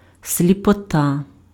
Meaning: blindness
- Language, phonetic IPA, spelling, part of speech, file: Ukrainian, [sʲlʲipɔˈta], сліпота, noun, Uk-сліпота.ogg